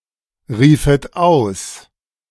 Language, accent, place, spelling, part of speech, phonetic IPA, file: German, Germany, Berlin, riefet aus, verb, [ˌʁiːfət ˈaʊ̯s], De-riefet aus.ogg
- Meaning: second-person plural subjunctive II of ausrufen